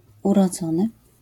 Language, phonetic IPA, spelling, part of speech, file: Polish, [ˌurɔˈd͡zɔ̃nɨ], urodzony, adjective / verb, LL-Q809 (pol)-urodzony.wav